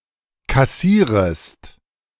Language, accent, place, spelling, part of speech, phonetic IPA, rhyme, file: German, Germany, Berlin, kassierest, verb, [kaˈsiːʁəst], -iːʁəst, De-kassierest.ogg
- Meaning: second-person singular subjunctive I of kassieren